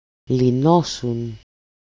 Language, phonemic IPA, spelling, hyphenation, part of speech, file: Greek, /liˈnosun/, λυνόσουν, λυ‧νό‧σουν, verb, El-λυνόσουν.ogg
- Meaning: second-person singular imperfect passive indicative of λύνω (lýno)